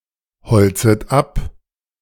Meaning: first-person plural subjunctive II of einbeziehen
- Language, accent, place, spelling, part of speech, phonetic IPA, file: German, Germany, Berlin, bezögen ein, verb, [bəˌt͡søːɡn̩ ˈaɪ̯n], De-bezögen ein.ogg